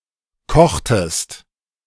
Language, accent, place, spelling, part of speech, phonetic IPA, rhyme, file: German, Germany, Berlin, kochtest, verb, [ˈkɔxtəst], -ɔxtəst, De-kochtest.ogg
- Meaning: inflection of kochen: 1. second-person singular preterite 2. second-person singular subjunctive II